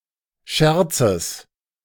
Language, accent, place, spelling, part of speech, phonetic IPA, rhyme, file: German, Germany, Berlin, Scherzes, noun, [ˈʃɛʁt͡səs], -ɛʁt͡səs, De-Scherzes.ogg
- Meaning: genitive of Scherz